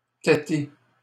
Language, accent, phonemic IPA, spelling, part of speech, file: French, Canada, /te.te/, téter, verb, LL-Q150 (fra)-téter.wav
- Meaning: 1. to suckle (on a mother's teat) 2. to brownnose